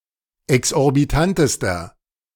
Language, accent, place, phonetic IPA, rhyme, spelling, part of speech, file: German, Germany, Berlin, [ɛksʔɔʁbiˈtantəstɐ], -antəstɐ, exorbitantester, adjective, De-exorbitantester.ogg
- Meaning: inflection of exorbitant: 1. strong/mixed nominative masculine singular superlative degree 2. strong genitive/dative feminine singular superlative degree 3. strong genitive plural superlative degree